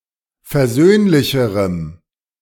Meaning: strong dative masculine/neuter singular comparative degree of versöhnlich
- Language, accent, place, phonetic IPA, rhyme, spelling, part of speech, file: German, Germany, Berlin, [fɛɐ̯ˈzøːnlɪçəʁəm], -øːnlɪçəʁəm, versöhnlicherem, adjective, De-versöhnlicherem.ogg